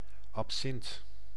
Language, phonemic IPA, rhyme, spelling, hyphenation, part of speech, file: Dutch, /ɑpˈsɪnt/, -ɪnt, absint, ab‧sint, noun, Nl-absint.ogg
- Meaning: absinthe (liquor)